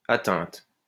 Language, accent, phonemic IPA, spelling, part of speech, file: French, France, /a.tɛ̃t/, atteinte, verb / noun, LL-Q150 (fra)-atteinte.wav
- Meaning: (verb) feminine singular of atteint; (noun) attack (à on)